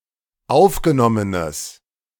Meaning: strong/mixed nominative/accusative neuter singular of aufgenommen
- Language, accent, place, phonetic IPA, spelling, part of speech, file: German, Germany, Berlin, [ˈaʊ̯fɡəˌnɔmənəs], aufgenommenes, adjective, De-aufgenommenes.ogg